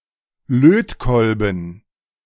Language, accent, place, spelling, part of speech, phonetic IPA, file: German, Germany, Berlin, Lötkolben, noun, [ˈløːtˌkɔlbn̩], De-Lötkolben.ogg
- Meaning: soldering iron